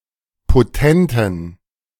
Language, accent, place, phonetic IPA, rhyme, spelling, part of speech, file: German, Germany, Berlin, [poˈtɛntn̩], -ɛntn̩, potenten, adjective, De-potenten.ogg
- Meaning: inflection of potent: 1. strong genitive masculine/neuter singular 2. weak/mixed genitive/dative all-gender singular 3. strong/weak/mixed accusative masculine singular 4. strong dative plural